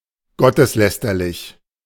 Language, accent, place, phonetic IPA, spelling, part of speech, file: German, Germany, Berlin, [ˈɡɔtəsˌlɛstɐlɪç], gotteslästerlich, adjective, De-gotteslästerlich.ogg
- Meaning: blasphemous, sacrilegious